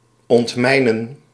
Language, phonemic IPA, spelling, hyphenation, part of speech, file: Dutch, /ˌɔntˈmɛi̯.nə(n)/, ontmijnen, ont‧mij‧nen, verb, Nl-ontmijnen.ogg
- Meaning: 1. to demine, to remove mines 2. to avoid a conflict